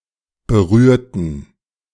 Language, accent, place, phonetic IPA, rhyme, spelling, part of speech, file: German, Germany, Berlin, [bəˈʁyːɐ̯tn̩], -yːɐ̯tn̩, berührten, adjective / verb, De-berührten.ogg
- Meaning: inflection of berühren: 1. first/third-person plural preterite 2. first/third-person plural subjunctive II